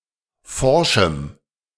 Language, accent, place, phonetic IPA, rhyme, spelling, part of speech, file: German, Germany, Berlin, [ˈfɔʁʃm̩], -ɔʁʃm̩, forschem, adjective, De-forschem.ogg
- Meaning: strong dative masculine/neuter singular of forsch